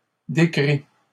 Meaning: masculine plural of décrit
- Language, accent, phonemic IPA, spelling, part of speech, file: French, Canada, /de.kʁi/, décrits, verb, LL-Q150 (fra)-décrits.wav